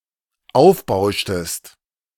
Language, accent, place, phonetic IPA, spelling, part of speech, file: German, Germany, Berlin, [ˈaʊ̯fˌbaʊ̯ʃtəst], aufbauschtest, verb, De-aufbauschtest.ogg
- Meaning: inflection of aufbauschen: 1. second-person singular dependent preterite 2. second-person singular dependent subjunctive II